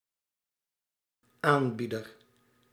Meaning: provider
- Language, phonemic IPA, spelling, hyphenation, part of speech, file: Dutch, /ˈaːnˌbi.dər/, aanbieder, aan‧bie‧der, noun, Nl-aanbieder.ogg